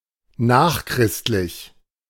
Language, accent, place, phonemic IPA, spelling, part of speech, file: German, Germany, Berlin, /ˈnaːχˌkʁɪstlɪç/, nachchristlich, adjective, De-nachchristlich.ogg
- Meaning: AD